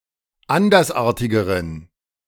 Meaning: inflection of andersartig: 1. strong genitive masculine/neuter singular comparative degree 2. weak/mixed genitive/dative all-gender singular comparative degree
- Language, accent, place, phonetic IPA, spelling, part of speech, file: German, Germany, Berlin, [ˈandɐsˌʔaːɐ̯tɪɡəʁən], andersartigeren, adjective, De-andersartigeren.ogg